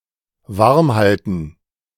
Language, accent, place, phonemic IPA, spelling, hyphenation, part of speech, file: German, Germany, Berlin, /ˈvaʁmˌhaltn̩/, warmhalten, warm‧hal‧ten, verb, De-warmhalten.ogg
- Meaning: 1. to keep warm 2. to stay on someone's good side